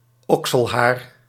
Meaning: armpit hair
- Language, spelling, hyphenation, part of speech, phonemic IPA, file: Dutch, okselhaar, ok‧sel‧haar, noun, /ˈɔk.səlˌɦaːr/, Nl-okselhaar.ogg